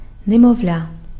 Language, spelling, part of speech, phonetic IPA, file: Ukrainian, немовля, noun, [nemɔu̯ˈlʲa], Uk-немовля.ogg
- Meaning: infant, baby